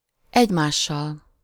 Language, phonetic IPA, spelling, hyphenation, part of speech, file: Hungarian, [ˈɛɟmaːʃːɒl], egymással, egy‧más‧sal, pronoun, Hu-egymással.ogg
- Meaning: instrumental of egymás (“one another, each other”): with (to) one another, each other